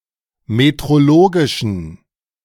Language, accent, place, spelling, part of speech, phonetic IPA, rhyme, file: German, Germany, Berlin, metrologischen, adjective, [metʁoˈloːɡɪʃn̩], -oːɡɪʃn̩, De-metrologischen.ogg
- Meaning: inflection of metrologisch: 1. strong genitive masculine/neuter singular 2. weak/mixed genitive/dative all-gender singular 3. strong/weak/mixed accusative masculine singular 4. strong dative plural